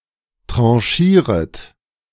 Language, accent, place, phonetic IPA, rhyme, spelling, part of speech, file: German, Germany, Berlin, [ˌtʁɑ̃ˈʃiːʁət], -iːʁət, tranchieret, verb, De-tranchieret.ogg
- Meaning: second-person plural subjunctive I of tranchieren